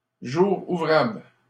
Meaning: 1. workday, business day 2. weekday
- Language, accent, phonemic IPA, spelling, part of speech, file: French, Canada, /ʒu.ʁ‿u.vʁabl/, jour ouvrable, noun, LL-Q150 (fra)-jour ouvrable.wav